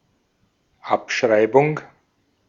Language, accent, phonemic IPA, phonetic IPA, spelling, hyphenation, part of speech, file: German, Austria, /ˈapˌʃʁaɪ̯bʊŋ/, [ˈʔapˌʃʁaɪ̯bʊŋ], Abschreibung, Ab‧schrei‧bung, noun, De-at-Abschreibung.ogg
- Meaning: writedown, writeoff